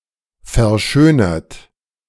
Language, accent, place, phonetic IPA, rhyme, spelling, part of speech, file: German, Germany, Berlin, [fɛɐ̯ˈʃøːnɐt], -øːnɐt, verschönert, verb, De-verschönert.ogg
- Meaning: 1. past participle of verschönern 2. inflection of verschönern: third-person singular present 3. inflection of verschönern: second-person plural present 4. inflection of verschönern: plural imperative